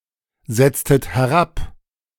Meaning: inflection of herabsetzen: 1. second-person plural preterite 2. second-person plural subjunctive II
- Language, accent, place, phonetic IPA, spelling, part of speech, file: German, Germany, Berlin, [ˌzɛt͡stət hɛˈʁap], setztet herab, verb, De-setztet herab.ogg